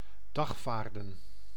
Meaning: to summon to court, to subpoena
- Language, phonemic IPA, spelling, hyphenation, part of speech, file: Dutch, /ˈdɑxfaːrdə(n)/, dagvaarden, dag‧vaar‧den, verb, Nl-dagvaarden.ogg